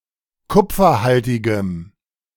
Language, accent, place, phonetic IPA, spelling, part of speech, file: German, Germany, Berlin, [ˈkʊp͡fɐˌhaltɪɡəm], kupferhaltigem, adjective, De-kupferhaltigem.ogg
- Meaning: strong dative masculine/neuter singular of kupferhaltig